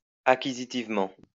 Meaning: acquisitively
- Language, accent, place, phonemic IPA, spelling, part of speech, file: French, France, Lyon, /a.ki.zi.tiv.mɑ̃/, acquisitivement, adverb, LL-Q150 (fra)-acquisitivement.wav